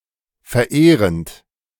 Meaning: present participle of verehren
- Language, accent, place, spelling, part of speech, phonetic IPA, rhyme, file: German, Germany, Berlin, verehrend, verb, [fɛɐ̯ˈʔeːʁənt], -eːʁənt, De-verehrend.ogg